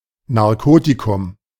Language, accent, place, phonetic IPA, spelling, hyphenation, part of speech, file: German, Germany, Berlin, [naʁˈkoːtikʊm], Narkotikum, Nar‧ko‧ti‧kum, noun, De-Narkotikum.ogg
- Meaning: 1. anesthetic 2. narcotic